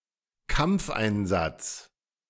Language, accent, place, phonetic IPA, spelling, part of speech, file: German, Germany, Berlin, [ˈkamp͡fʔaɪ̯nˌzat͡s], Kampfeinsatz, noun, De-Kampfeinsatz.ogg
- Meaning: combat mission